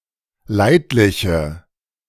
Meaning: inflection of leidlich: 1. strong/mixed nominative/accusative feminine singular 2. strong nominative/accusative plural 3. weak nominative all-gender singular
- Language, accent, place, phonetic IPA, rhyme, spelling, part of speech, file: German, Germany, Berlin, [ˈlaɪ̯tlɪçə], -aɪ̯tlɪçə, leidliche, adjective, De-leidliche.ogg